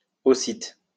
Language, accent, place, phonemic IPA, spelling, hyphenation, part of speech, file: French, France, Lyon, /o.sit/, aussitte, aus‧sitte, adverb, LL-Q150 (fra)-aussitte.wav
- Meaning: also, too